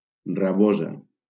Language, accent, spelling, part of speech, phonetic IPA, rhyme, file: Catalan, Valencia, rabosa, noun, [raˈbo.za], -oza, LL-Q7026 (cat)-rabosa.wav
- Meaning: 1. red fox 2. warty bedstraw (Galium verrucosum) 3. a blenny, especially Montagu's blenny (Coryphoblennius galerita) 4. Atlantic thresher (Alopias vulpinus